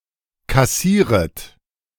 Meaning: second-person plural subjunctive I of kassieren
- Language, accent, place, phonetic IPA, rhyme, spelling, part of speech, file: German, Germany, Berlin, [kaˈsiːʁət], -iːʁət, kassieret, verb, De-kassieret.ogg